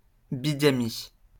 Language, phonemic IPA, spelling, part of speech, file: French, /bi.ɡa.mi/, bigamie, noun, LL-Q150 (fra)-bigamie.wav
- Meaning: bigamy (the state of having two (legal or illegal) spouses simultaneously)